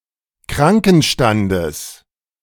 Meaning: genitive singular of Krankenstand
- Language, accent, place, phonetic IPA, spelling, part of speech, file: German, Germany, Berlin, [ˈkʁaŋkn̩ˌʃtandəs], Krankenstandes, noun, De-Krankenstandes.ogg